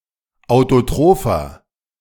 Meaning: inflection of autotroph: 1. strong/mixed nominative masculine singular 2. strong genitive/dative feminine singular 3. strong genitive plural
- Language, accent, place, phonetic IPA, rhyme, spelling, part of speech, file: German, Germany, Berlin, [aʊ̯toˈtʁoːfɐ], -oːfɐ, autotropher, adjective, De-autotropher.ogg